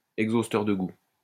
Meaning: flavor enhancer, flavour enhancer
- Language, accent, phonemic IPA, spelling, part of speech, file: French, France, /ɛɡ.zos.tœʁ də ɡu/, exhausteur de goût, noun, LL-Q150 (fra)-exhausteur de goût.wav